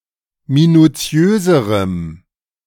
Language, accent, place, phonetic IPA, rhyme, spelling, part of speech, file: German, Germany, Berlin, [minuˈt͡si̯øːzəʁəm], -øːzəʁəm, minutiöserem, adjective, De-minutiöserem.ogg
- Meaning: strong dative masculine/neuter singular comparative degree of minutiös